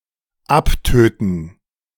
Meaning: 1. to mortify 2. to kill; to kill off; usually in masses, of vermin or germs
- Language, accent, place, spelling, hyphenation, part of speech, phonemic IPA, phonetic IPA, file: German, Germany, Berlin, abtöten, ab‧tö‧ten, verb, /ˈapˌtøːtən/, [ˈʔapˌtøːtn̩], De-abtöten.ogg